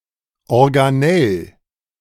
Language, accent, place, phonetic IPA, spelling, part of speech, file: German, Germany, Berlin, [ɔʁɡaˈnɛl], Organell, noun, De-Organell.ogg
- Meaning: organelle (a membrane bound compartment found within cells)